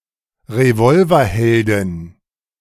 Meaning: female equivalent of Revolverheld
- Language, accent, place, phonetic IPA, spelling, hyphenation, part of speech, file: German, Germany, Berlin, [ʁeˈvɔlvɐˌhɛldɪn], Revolverheldin, Re‧vol‧ver‧hel‧din, noun, De-Revolverheldin.ogg